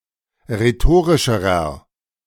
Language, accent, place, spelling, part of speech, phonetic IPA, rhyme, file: German, Germany, Berlin, rhetorischerer, adjective, [ʁeˈtoːʁɪʃəʁɐ], -oːʁɪʃəʁɐ, De-rhetorischerer.ogg
- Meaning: inflection of rhetorisch: 1. strong/mixed nominative masculine singular comparative degree 2. strong genitive/dative feminine singular comparative degree 3. strong genitive plural comparative degree